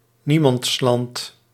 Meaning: no man's land
- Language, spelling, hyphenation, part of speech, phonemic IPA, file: Dutch, niemandsland, nie‧mands‧land, noun, /ˈni.mɑntsˌlɑnt/, Nl-niemandsland.ogg